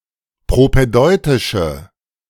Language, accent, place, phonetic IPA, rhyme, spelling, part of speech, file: German, Germany, Berlin, [pʁopɛˈdɔɪ̯tɪʃə], -ɔɪ̯tɪʃə, propädeutische, adjective, De-propädeutische.ogg
- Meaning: inflection of propädeutisch: 1. strong/mixed nominative/accusative feminine singular 2. strong nominative/accusative plural 3. weak nominative all-gender singular